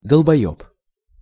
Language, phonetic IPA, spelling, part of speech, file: Russian, [dəɫbɐˈjɵp], долбоёб, noun, Ru-долбоёб.ogg
- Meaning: dickhead, fuckwit, dumbass, dipshit, motherfucker (stupid person)